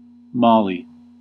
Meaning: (proper noun) A country in West Africa. Official name: Republic of Mali; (noun) A Somali
- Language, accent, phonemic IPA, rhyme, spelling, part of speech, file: English, US, /ˈmɑli/, -ɑːli, Mali, proper noun / noun, En-us-Mali.ogg